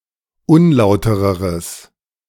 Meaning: strong/mixed nominative/accusative neuter singular comparative degree of unlauter
- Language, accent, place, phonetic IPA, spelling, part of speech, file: German, Germany, Berlin, [ˈʊnˌlaʊ̯təʁəʁəs], unlautereres, adjective, De-unlautereres.ogg